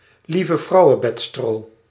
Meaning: sweet woodruff (Galium odoratum)
- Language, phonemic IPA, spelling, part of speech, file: Dutch, /livəvrɑu̯əˈbɛtstroː/, lievevrouwebedstro, noun, Nl-lievevrouwebedstro.ogg